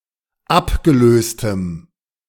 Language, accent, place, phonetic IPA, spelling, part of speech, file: German, Germany, Berlin, [ˈapɡəˌløːstəm], abgelöstem, adjective, De-abgelöstem.ogg
- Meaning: strong dative masculine/neuter singular of abgelöst